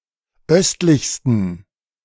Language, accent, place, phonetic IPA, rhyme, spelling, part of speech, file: German, Germany, Berlin, [ˈœstlɪçstn̩], -œstlɪçstn̩, östlichsten, adjective, De-östlichsten.ogg
- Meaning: 1. superlative degree of östlich 2. inflection of östlich: strong genitive masculine/neuter singular superlative degree